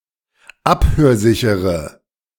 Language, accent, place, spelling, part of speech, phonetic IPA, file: German, Germany, Berlin, abhörsichere, adjective, [ˈaphøːɐ̯ˌzɪçəʁə], De-abhörsichere.ogg
- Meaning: inflection of abhörsicher: 1. strong/mixed nominative/accusative feminine singular 2. strong nominative/accusative plural 3. weak nominative all-gender singular